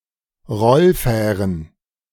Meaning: plural of Rollfähre
- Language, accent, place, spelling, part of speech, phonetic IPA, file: German, Germany, Berlin, Rollfähren, noun, [ˈʁɔlˌfɛːʁən], De-Rollfähren.ogg